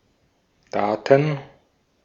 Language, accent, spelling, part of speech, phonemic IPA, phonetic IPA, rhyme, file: German, Austria, Daten, noun, /ˈdaːt(ə)n/, [ˈdaːtn̩], -aːtn̩, De-at-Daten.ogg
- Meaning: data, plural of Datum (“piece of information”)